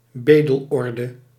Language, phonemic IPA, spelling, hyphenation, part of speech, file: Dutch, /ˈbeː.dəlˌɔr.də/, bedelorde, be‧del‧orde, noun, Nl-bedelorde.ogg
- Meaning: mendicant monastic order